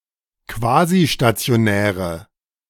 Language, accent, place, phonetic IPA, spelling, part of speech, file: German, Germany, Berlin, [ˈkvaːziʃtat͡si̯oˌnɛːʁə], quasistationäre, adjective, De-quasistationäre.ogg
- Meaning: inflection of quasistationär: 1. strong/mixed nominative/accusative feminine singular 2. strong nominative/accusative plural 3. weak nominative all-gender singular